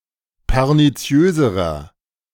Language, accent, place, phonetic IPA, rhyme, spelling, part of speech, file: German, Germany, Berlin, [pɛʁniˈt͡si̯øːzəʁɐ], -øːzəʁɐ, perniziöserer, adjective, De-perniziöserer.ogg
- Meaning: inflection of perniziös: 1. strong/mixed nominative masculine singular comparative degree 2. strong genitive/dative feminine singular comparative degree 3. strong genitive plural comparative degree